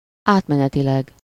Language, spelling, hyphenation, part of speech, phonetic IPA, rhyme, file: Hungarian, átmenetileg, át‧me‧ne‧ti‧leg, adverb, [ˈaːtmɛnɛtilɛɡ], -ɛɡ, Hu-átmenetileg.ogg
- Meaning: temporarily